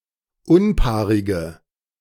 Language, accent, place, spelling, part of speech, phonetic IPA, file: German, Germany, Berlin, unpaarige, adjective, [ˈʊnˌpaːʁɪɡə], De-unpaarige.ogg
- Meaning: inflection of unpaarig: 1. strong/mixed nominative/accusative feminine singular 2. strong nominative/accusative plural 3. weak nominative all-gender singular